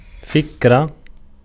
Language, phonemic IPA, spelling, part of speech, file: Arabic, /fik.ra/, فكرة, noun, Ar-فكرة.ogg
- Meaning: 1. thought, reflection 2. idea